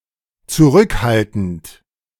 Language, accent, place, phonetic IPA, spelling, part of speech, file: German, Germany, Berlin, [t͡suˈʁʏkˌhaltn̩t], zurückhaltend, adjective / verb, De-zurückhaltend.ogg
- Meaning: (verb) present participle of zurückhalten; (adjective) 1. reserved, restrained 2. cautious, guarded; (adverb) cautiously